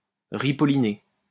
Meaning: 1. to paint (poorly) 2. to revamp (give a facelift to)
- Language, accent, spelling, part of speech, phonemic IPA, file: French, France, ripoliner, verb, /ʁi.pɔ.li.ne/, LL-Q150 (fra)-ripoliner.wav